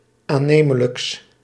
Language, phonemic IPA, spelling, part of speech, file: Dutch, /aˈnemələks/, aannemelijks, adjective, Nl-aannemelijks.ogg
- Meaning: partitive of aannemelijk